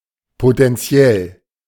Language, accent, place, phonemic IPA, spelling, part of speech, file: German, Germany, Berlin, /potɛnˈt͡si̯ɛl/, potenziell, adjective / adverb, De-potenziell.ogg
- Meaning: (adjective) potential; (adverb) potentially